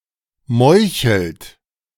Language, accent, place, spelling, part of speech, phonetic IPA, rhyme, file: German, Germany, Berlin, meuchelt, verb, [ˈmɔɪ̯çl̩t], -ɔɪ̯çl̩t, De-meuchelt.ogg
- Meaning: inflection of meucheln: 1. third-person singular present 2. second-person plural present 3. plural imperative